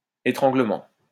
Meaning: strangling
- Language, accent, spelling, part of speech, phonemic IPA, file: French, France, étranglement, noun, /e.tʁɑ̃.ɡlə.mɑ̃/, LL-Q150 (fra)-étranglement.wav